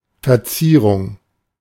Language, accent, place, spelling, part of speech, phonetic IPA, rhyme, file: German, Germany, Berlin, Verzierung, noun, [fɛɐ̯ˈt͡siːʁʊŋ], -iːʁʊŋ, De-Verzierung.ogg
- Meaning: 1. ornament, ornamentation 2. embellishment 3. flourish